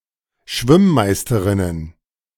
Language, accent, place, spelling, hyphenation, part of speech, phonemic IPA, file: German, Germany, Berlin, Schwimm-Meisterinnen, Schwimm-‧Meis‧te‧rin‧nen, noun, /ˈʃvɪmˌmaɪ̯stəʁɪnən/, De-Schwimm-Meisterinnen.ogg
- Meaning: plural of Schwimm-Meisterin